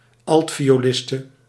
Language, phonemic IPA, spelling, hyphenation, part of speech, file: Dutch, /ˈɑlt.fi.oːˌlɪs.tə/, altvioliste, alt‧vi‧o‧lis‧te, noun, Nl-altvioliste.ogg
- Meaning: female violist